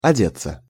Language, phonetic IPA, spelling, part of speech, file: Russian, [ɐˈdʲet͡sːə], одеться, verb, Ru-одеться.ogg
- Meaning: 1. to dress (oneself) 2. passive of оде́ть (odétʹ)